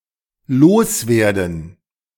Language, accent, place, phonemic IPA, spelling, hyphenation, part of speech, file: German, Germany, Berlin, /ˈloːsˌveːɐ̯dn̩/, loswerden, los‧wer‧den, verb, De-loswerden.ogg
- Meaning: 1. to get rid of 2. to get off one's chest 3. to succeed in selling 4. to lose